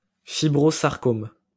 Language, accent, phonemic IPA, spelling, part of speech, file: French, France, /fi.bʁo.zaʁ.kɔm/, fibrosarcome, noun, LL-Q150 (fra)-fibrosarcome.wav
- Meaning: (oncology) fibrosarcoma